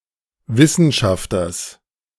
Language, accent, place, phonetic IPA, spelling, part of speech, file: German, Germany, Berlin, [ˈvɪsn̩ˌʃaftɐs], Wissenschafters, noun, De-Wissenschafters.ogg
- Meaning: genitive singular of Wissenschafter